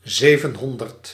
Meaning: seven hundred
- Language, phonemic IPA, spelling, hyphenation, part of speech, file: Dutch, /ˈzeː.vənˌɦɔn.dərt/, zevenhonderd, ze‧ven‧hon‧derd, numeral, Nl-zevenhonderd.ogg